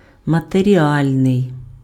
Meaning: material
- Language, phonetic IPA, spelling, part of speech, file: Ukrainian, [mɐterʲiˈalʲnei̯], матеріальний, adjective, Uk-матеріальний.ogg